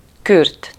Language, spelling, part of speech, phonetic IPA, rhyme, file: Hungarian, kürt, noun, [ˈkyrt], -yrt, Hu-kürt.ogg
- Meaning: 1. horn, French horn 2. Kürt (part of Kürt-Gyarmat, one of the seven Hungarian tribes before and during the conquest of the Carpathian Basin)